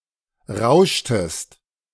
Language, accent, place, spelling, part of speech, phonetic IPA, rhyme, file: German, Germany, Berlin, rauschtest, verb, [ˈʁaʊ̯ʃtəst], -aʊ̯ʃtəst, De-rauschtest.ogg
- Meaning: inflection of rauschen: 1. second-person singular preterite 2. second-person singular subjunctive II